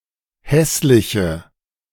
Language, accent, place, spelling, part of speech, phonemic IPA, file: German, Germany, Berlin, hässliche, adjective, /ˈhɛslɪçə/, De-hässliche.ogg
- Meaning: inflection of hässlich: 1. strong/mixed nominative/accusative feminine singular 2. strong nominative/accusative plural 3. weak nominative all-gender singular